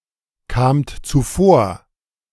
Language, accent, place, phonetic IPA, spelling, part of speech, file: German, Germany, Berlin, [ˌkaːmt t͡suˈfoːɐ̯], kamt zuvor, verb, De-kamt zuvor.ogg
- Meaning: second-person plural preterite of zuvorkommen